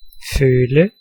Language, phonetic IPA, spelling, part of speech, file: Danish, [ˈføːlə], føle, verb, Da-føle.ogg
- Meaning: 1. to feel, sense 2. to feel (with a predicative adjective)